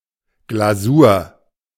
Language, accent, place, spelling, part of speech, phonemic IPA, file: German, Germany, Berlin, Glasur, noun, /ɡlaˈzuːɐ̯/, De-Glasur.ogg
- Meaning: glaze, icing